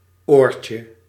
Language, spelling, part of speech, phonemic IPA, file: Dutch, oortje, noun, /ˈorcə/, Nl-oortje.ogg
- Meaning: 1. diminutive of oor 2. earphone; earpiece (small speaker placed in the ear)